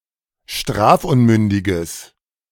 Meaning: strong/mixed nominative/accusative neuter singular of strafunmündig
- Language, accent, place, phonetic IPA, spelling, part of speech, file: German, Germany, Berlin, [ˈʃtʁaːfˌʔʊnmʏndɪɡəs], strafunmündiges, adjective, De-strafunmündiges.ogg